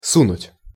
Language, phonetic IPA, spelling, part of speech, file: Russian, [ˈsunʊtʲ], сунуть, verb, Ru-сунуть.ogg
- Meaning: 1. to put (in) 2. to slip, to give 3. to poke, to stick in 4. to butt in 5. to bribe